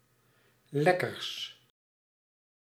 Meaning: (adjective) partitive of lekker; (noun) 1. sweets, treats 2. plural of lekker
- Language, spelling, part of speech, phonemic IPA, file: Dutch, lekkers, adjective / noun, /ˈlɛkərs/, Nl-lekkers.ogg